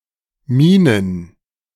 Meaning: to mine, to grave, to dig
- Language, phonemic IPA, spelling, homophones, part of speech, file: German, /ˈmiːnən/, minen, Minen / Mienen, verb, De-minen.ogg